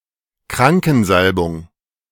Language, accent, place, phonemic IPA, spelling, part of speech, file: German, Germany, Berlin, /ˈkʁaŋkn̩ˌzalbʊŋ/, Krankensalbung, noun, De-Krankensalbung.ogg
- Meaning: Anointing of the Sick